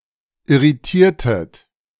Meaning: inflection of irritieren: 1. second-person plural preterite 2. second-person plural subjunctive II
- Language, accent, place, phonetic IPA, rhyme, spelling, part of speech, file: German, Germany, Berlin, [ɪʁiˈtiːɐ̯tət], -iːɐ̯tət, irritiertet, verb, De-irritiertet.ogg